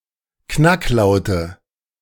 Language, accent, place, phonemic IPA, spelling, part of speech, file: German, Germany, Berlin, /ˈknakˌlaʊ̯tə/, Knacklaute, noun, De-Knacklaute.ogg
- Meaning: nominative/accusative/genitive plural of Knacklaut